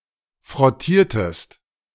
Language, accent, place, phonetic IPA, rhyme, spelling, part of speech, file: German, Germany, Berlin, [fʁɔˈtiːɐ̯təst], -iːɐ̯təst, frottiertest, verb, De-frottiertest.ogg
- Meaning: inflection of frottieren: 1. second-person singular preterite 2. second-person singular subjunctive II